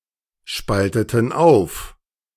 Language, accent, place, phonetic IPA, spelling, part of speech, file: German, Germany, Berlin, [ˌʃpaltətn̩ ˈaʊ̯f], spalteten auf, verb, De-spalteten auf.ogg
- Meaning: inflection of aufspalten: 1. first/third-person plural preterite 2. first/third-person plural subjunctive II